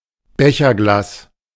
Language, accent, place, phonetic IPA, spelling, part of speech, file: German, Germany, Berlin, [ˈbɛçɐˌɡlaːs], Becherglas, noun, De-Becherglas.ogg
- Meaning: A glass beaker, flat-bottomed vessel fit for liquids